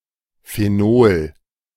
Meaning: phenol
- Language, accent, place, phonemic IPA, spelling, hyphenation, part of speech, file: German, Germany, Berlin, /feˈnoːl/, Phenol, Phe‧nol, noun, De-Phenol.ogg